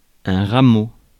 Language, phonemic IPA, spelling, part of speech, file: French, /ʁa.mo/, rameau, noun, Fr-rameau.ogg
- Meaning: small branch (woody part of a tree arising from the trunk and usually dividing)